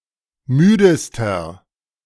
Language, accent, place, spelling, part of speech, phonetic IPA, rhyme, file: German, Germany, Berlin, müdester, adjective, [ˈmyːdəstɐ], -yːdəstɐ, De-müdester.ogg
- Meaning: inflection of müde: 1. strong/mixed nominative masculine singular superlative degree 2. strong genitive/dative feminine singular superlative degree 3. strong genitive plural superlative degree